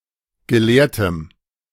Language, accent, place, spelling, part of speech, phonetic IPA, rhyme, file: German, Germany, Berlin, gelehrtem, adjective, [ɡəˈleːɐ̯təm], -eːɐ̯təm, De-gelehrtem.ogg
- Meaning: strong dative masculine/neuter singular of gelehrt